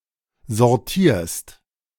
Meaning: second-person singular present of sortieren
- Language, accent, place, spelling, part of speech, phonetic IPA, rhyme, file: German, Germany, Berlin, sortierst, verb, [zɔʁˈtiːɐ̯st], -iːɐ̯st, De-sortierst.ogg